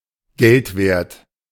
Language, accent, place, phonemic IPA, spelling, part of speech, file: German, Germany, Berlin, /ˈɡɛltveːɐ̯t/, geldwert, adjective, De-geldwert.ogg
- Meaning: pecuniary, financial, monetary